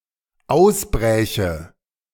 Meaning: first/third-person singular dependent subjunctive II of ausbrechen
- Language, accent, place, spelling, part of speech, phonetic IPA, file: German, Germany, Berlin, ausbräche, verb, [ˈaʊ̯sˌbʁɛːçə], De-ausbräche.ogg